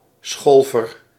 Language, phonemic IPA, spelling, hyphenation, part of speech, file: Dutch, /ˈsxɔl.vər/, scholver, schol‧ver, noun, Nl-scholver.ogg
- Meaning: synonym of aalscholver (“cormorant”)